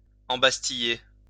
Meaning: 1. to imprison in Bastille 2. to imprison
- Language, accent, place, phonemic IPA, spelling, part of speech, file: French, France, Lyon, /ɑ̃.bas.ti.je/, embastiller, verb, LL-Q150 (fra)-embastiller.wav